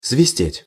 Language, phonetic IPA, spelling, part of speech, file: Russian, [svʲɪˈsʲtʲetʲ], свистеть, verb, Ru-свистеть.ogg
- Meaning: 1. to whistle, to make a whistling sound (with or without the aid of a whistle) 2. to sing, to pipe (of birds) 3. to whine (of a bullet)